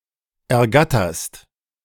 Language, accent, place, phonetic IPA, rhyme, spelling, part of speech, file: German, Germany, Berlin, [ɛɐ̯ˈɡatɐst], -atɐst, ergatterst, verb, De-ergatterst.ogg
- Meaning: second-person singular present of ergattern